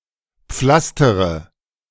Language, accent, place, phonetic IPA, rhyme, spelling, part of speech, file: German, Germany, Berlin, [ˈp͡flastəʁə], -astəʁə, pflastere, verb, De-pflastere.ogg
- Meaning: inflection of pflastern: 1. first-person singular present 2. first-person plural subjunctive I 3. third-person singular subjunctive I 4. singular imperative